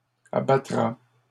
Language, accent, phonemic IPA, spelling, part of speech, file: French, Canada, /a.ba.tʁa/, abattra, verb, LL-Q150 (fra)-abattra.wav
- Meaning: third-person singular future of abattre